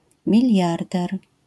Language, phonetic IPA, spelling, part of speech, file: Polish, [mʲiˈlʲjardɛr], miliarder, noun, LL-Q809 (pol)-miliarder.wav